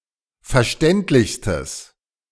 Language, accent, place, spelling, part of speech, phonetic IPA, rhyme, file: German, Germany, Berlin, verständlichstes, adjective, [fɛɐ̯ˈʃtɛntlɪçstəs], -ɛntlɪçstəs, De-verständlichstes.ogg
- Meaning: strong/mixed nominative/accusative neuter singular superlative degree of verständlich